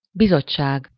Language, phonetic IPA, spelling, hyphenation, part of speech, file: Hungarian, [ˈbizot͡ʃːaːɡ], bizottság, bi‧zott‧ság, noun, Hu-bizottság.ogg
- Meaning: committee